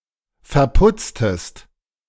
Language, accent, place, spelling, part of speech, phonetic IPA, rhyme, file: German, Germany, Berlin, verputztest, verb, [fɛɐ̯ˈpʊt͡stəst], -ʊt͡stəst, De-verputztest.ogg
- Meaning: inflection of verputzen: 1. second-person singular preterite 2. second-person singular subjunctive II